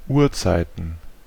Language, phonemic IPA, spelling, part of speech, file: German, /ˈuːɐ̯t͡saɪ̯tn̩/, Uhrzeiten, noun, De-Uhrzeiten.ogg
- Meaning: plural of Uhrzeit